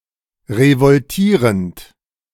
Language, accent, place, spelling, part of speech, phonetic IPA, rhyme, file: German, Germany, Berlin, revoltierend, verb, [ʁəvɔlˈtiːʁənt], -iːʁənt, De-revoltierend.ogg
- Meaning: present participle of revoltieren